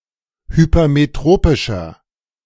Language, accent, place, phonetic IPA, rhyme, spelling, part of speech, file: German, Germany, Berlin, [hypɐmeˈtʁoːpɪʃɐ], -oːpɪʃɐ, hypermetropischer, adjective, De-hypermetropischer.ogg
- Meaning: inflection of hypermetropisch: 1. strong/mixed nominative masculine singular 2. strong genitive/dative feminine singular 3. strong genitive plural